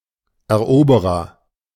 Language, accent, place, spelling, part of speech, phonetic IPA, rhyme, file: German, Germany, Berlin, Eroberer, noun, [ɛɐ̯ˈʔoːbəʁɐ], -oːbəʁɐ, De-Eroberer.ogg
- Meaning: conqueror